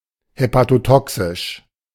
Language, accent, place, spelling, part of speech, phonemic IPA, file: German, Germany, Berlin, hepatotoxisch, adjective, /hepatoˈtɔksɪʃ/, De-hepatotoxisch.ogg
- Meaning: hepatotoxic